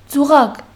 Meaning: trap, snare
- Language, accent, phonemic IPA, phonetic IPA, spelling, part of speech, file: Armenian, Western Armenian, /d͡zuˈʁɑɡ/, [d͡zuʁɑ́ɡ], ծուղակ, noun, HyW-ծուղակ.ogg